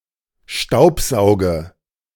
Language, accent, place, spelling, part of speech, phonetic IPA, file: German, Germany, Berlin, staubsauge, verb, [ˈʃtaʊ̯pˌzaʊ̯ɡə], De-staubsauge.ogg
- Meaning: inflection of staubsaugen: 1. first-person singular present 2. first/third-person singular subjunctive I 3. singular imperative